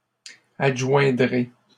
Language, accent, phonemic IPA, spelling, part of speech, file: French, Canada, /ad.ʒwɛ̃.dʁe/, adjoindrai, verb, LL-Q150 (fra)-adjoindrai.wav
- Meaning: first-person singular simple future of adjoindre